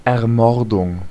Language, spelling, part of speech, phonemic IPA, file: German, Ermordung, noun, /ɛɐ̯ˈmɔʁdʊŋ/, De-Ermordung.ogg
- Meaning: assassination, murder